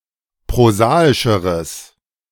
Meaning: strong/mixed nominative/accusative neuter singular comparative degree of prosaisch
- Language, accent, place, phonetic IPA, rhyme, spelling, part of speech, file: German, Germany, Berlin, [pʁoˈzaːɪʃəʁəs], -aːɪʃəʁəs, prosaischeres, adjective, De-prosaischeres.ogg